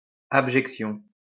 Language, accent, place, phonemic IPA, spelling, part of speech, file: French, France, Lyon, /ab.ʒɛk.sjɔ̃/, abjection, noun, LL-Q150 (fra)-abjection.wav
- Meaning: something that is worthy of utter contempt